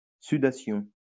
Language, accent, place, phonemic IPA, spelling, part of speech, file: French, France, Lyon, /sy.da.sjɔ̃/, sudation, noun, LL-Q150 (fra)-sudation.wav
- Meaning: sweating